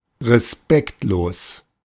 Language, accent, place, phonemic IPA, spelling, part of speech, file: German, Germany, Berlin, /ʁeˈspɛktloːs/, respektlos, adjective, De-respektlos.ogg
- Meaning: disrespectful